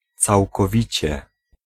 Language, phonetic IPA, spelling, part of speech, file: Polish, [ˌt͡sawkɔˈvʲit͡ɕɛ], całkowicie, adverb, Pl-całkowicie.ogg